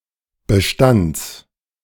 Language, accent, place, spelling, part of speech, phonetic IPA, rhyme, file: German, Germany, Berlin, Bestands, noun, [bəˈʃtant͡s], -ant͡s, De-Bestands.ogg
- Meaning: genitive singular of Bestand